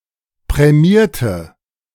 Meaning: inflection of prämiert: 1. strong/mixed nominative/accusative feminine singular 2. strong nominative/accusative plural 3. weak nominative all-gender singular
- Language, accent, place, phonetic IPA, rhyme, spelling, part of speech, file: German, Germany, Berlin, [pʁɛˈmiːɐ̯tə], -iːɐ̯tə, prämierte, adjective / verb, De-prämierte.ogg